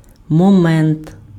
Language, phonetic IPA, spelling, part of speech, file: Ukrainian, [mɔˈmɛnt], момент, noun, Uk-момент.ogg
- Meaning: 1. moment, instant 2. point, feature, aspect 3. moment